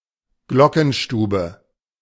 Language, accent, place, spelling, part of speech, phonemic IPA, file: German, Germany, Berlin, Glockenstube, noun, /ˈɡlɔkn̩ˌʃtuːbə/, De-Glockenstube.ogg
- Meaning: belfry (part of a tower containing bells)